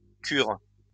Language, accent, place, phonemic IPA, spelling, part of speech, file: French, France, Lyon, /kyʁ/, curent, verb, LL-Q150 (fra)-curent.wav
- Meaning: third-person plural present indicative/subjunctive of curer